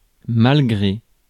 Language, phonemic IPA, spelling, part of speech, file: French, /mal.ɡʁe/, malgré, preposition, Fr-malgré.ogg
- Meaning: 1. despite, in spite of 2. against (one's) will, despite (one's) protest